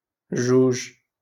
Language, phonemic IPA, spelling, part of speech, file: Moroccan Arabic, /ʒuːʒ/, جوج, numeral, LL-Q56426 (ary)-جوج.wav
- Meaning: two